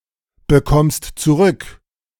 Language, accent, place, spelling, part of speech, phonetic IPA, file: German, Germany, Berlin, bekommst zurück, verb, [bəˌkɔmst t͡suˈʁʏk], De-bekommst zurück.ogg
- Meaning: second-person singular present of zurückbekommen